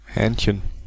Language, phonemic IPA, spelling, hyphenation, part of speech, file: German, /ˈhɛːnçən/, Hähnchen, Hähn‧chen, noun, De-Hähnchen.ogg
- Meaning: 1. diminutive of Hahn: little rooster, cock 2. a slaughtered chicken (of either sex) for food 3. chicken (meat)